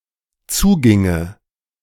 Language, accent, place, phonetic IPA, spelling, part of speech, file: German, Germany, Berlin, [ˈt͡suːˌɡɪŋə], zuginge, verb, De-zuginge.ogg
- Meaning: first/third-person singular dependent subjunctive II of zugehen